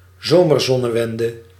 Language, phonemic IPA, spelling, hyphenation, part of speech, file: Dutch, /ˈzoː.mərˌzɔ.nə.ʋɛn.də/, zomerzonnewende, zo‧mer‧zon‧ne‧wen‧de, noun, Nl-zomerzonnewende.ogg
- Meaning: summer solstice